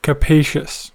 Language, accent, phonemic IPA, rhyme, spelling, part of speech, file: English, US, /kəˈpeɪʃəs/, -eɪʃəs, capacious, adjective, En-us-capacious.ogg
- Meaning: 1. Having a lot of space inside; roomy 2. Capable, able